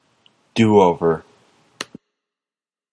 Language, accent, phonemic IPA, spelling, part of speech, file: English, General American, /ˈduˌoʊvɚ/, do over, verb, En-us-do over.flac
- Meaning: 1. To cover with; to smear or spread on to 2. To beat up 3. To repeat; to start over 4. To rob (someone or a place)